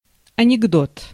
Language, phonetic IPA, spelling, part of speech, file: Russian, [ɐnʲɪɡˈdot], анекдот, noun, Ru-анекдот.ogg
- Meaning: 1. joke in the form of a story with a funny punchline/ending 2. funny incident from one's life resembling such a joke 3. joke (something fake or fictional) 4. anecdote (not of a comedic nature)